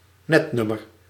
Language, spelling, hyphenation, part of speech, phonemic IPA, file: Dutch, netnummer, net‧num‧mer, noun, /ˈnɛtˌnʏ.mər/, Nl-netnummer.ogg
- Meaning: area code